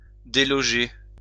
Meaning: 1. to move out (of e.g. a house) 2. to kick out, expel (from e.g. a house) 3. to dislodge
- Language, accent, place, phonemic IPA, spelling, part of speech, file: French, France, Lyon, /de.lɔ.ʒe/, déloger, verb, LL-Q150 (fra)-déloger.wav